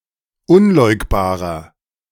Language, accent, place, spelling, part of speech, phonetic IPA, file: German, Germany, Berlin, unleugbarer, adjective, [ˈʊnˌlɔɪ̯kbaːʁɐ], De-unleugbarer.ogg
- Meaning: 1. comparative degree of unleugbar 2. inflection of unleugbar: strong/mixed nominative masculine singular 3. inflection of unleugbar: strong genitive/dative feminine singular